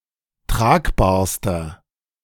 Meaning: inflection of tragbar: 1. strong/mixed nominative masculine singular superlative degree 2. strong genitive/dative feminine singular superlative degree 3. strong genitive plural superlative degree
- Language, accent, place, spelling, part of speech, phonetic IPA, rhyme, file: German, Germany, Berlin, tragbarster, adjective, [ˈtʁaːkbaːɐ̯stɐ], -aːkbaːɐ̯stɐ, De-tragbarster.ogg